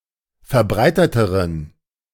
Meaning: inflection of verbreitet: 1. strong genitive masculine/neuter singular comparative degree 2. weak/mixed genitive/dative all-gender singular comparative degree
- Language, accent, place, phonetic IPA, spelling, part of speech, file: German, Germany, Berlin, [fɛɐ̯ˈbʁaɪ̯tətəʁən], verbreiteteren, adjective, De-verbreiteteren.ogg